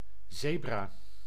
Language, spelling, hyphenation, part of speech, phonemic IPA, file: Dutch, zebra, ze‧bra, noun, /ˈzeː.braː/, Nl-zebra.ogg
- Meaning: 1. a zebra, a black-and-white striped equid of the genus Equus: Equus zebra, Equus quagga or Equus grevyi 2. a zebra crossing, a pedestrian crossing